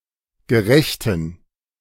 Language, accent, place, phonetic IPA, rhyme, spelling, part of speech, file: German, Germany, Berlin, [ɡəˈʁɛçtn̩], -ɛçtn̩, gerechten, adjective, De-gerechten.ogg
- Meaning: inflection of gerecht: 1. strong genitive masculine/neuter singular 2. weak/mixed genitive/dative all-gender singular 3. strong/weak/mixed accusative masculine singular 4. strong dative plural